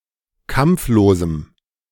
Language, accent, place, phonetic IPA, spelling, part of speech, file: German, Germany, Berlin, [ˈkamp͡floːzm̩], kampflosem, adjective, De-kampflosem.ogg
- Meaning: strong dative masculine/neuter singular of kampflos